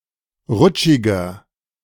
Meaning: 1. comparative degree of rutschig 2. inflection of rutschig: strong/mixed nominative masculine singular 3. inflection of rutschig: strong genitive/dative feminine singular
- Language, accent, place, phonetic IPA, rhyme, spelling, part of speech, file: German, Germany, Berlin, [ˈʁʊt͡ʃɪɡɐ], -ʊt͡ʃɪɡɐ, rutschiger, adjective, De-rutschiger.ogg